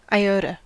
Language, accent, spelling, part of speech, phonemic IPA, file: English, US, iota, noun, /aɪˈoʊtə/, En-us-iota.ogg
- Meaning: 1. The ninth letter of the Greek alphabet (Ι, ι) 2. The Latin letter Ɩ (minuscule: ɩ) 3. A jot; a very small, insignificant quantity